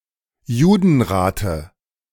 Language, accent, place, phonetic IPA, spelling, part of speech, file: German, Germany, Berlin, [ˈjuːdn̩ˌʁaːtə], Judenrate, noun, De-Judenrate.ogg
- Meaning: dative singular of Judenrat